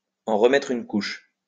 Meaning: to bring something up once more; to go one step further; to overdo it, to lay it on thick; to add insult to injury, to make things even worse
- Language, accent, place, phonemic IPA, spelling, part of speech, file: French, France, Lyon, /ɑ̃ ʁ(ə).mɛtʁ yn kuʃ/, en remettre une couche, verb, LL-Q150 (fra)-en remettre une couche.wav